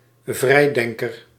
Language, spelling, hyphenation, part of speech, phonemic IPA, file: Dutch, vrijdenker, vrij‧den‧ker, noun, /ˈvrɛi̯ˌdɛŋ.kər/, Nl-vrijdenker.ogg
- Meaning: freethinker, someone critical of organised religion